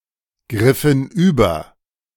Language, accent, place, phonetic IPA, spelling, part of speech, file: German, Germany, Berlin, [ˌɡʁɪfn̩ ˈyːbɐ], griffen über, verb, De-griffen über.ogg
- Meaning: inflection of übergreifen: 1. first/third-person plural preterite 2. first/third-person plural subjunctive II